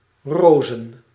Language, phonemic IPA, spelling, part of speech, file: Dutch, /roːzə(n)/, rozen, noun, Nl-rozen.ogg
- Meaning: plural of roos